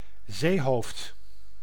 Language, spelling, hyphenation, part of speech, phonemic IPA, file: Dutch, zeehoofd, zee‧hoofd, noun, /ˈzeː.ɦoːft/, Nl-zeehoofd.ogg
- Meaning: 1. a marine breakwater, a jetty or pier 2. a promontory, a cape